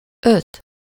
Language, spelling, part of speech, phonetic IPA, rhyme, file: Hungarian, öt, numeral, [ˈøt], -øt, Hu-öt.ogg
- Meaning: five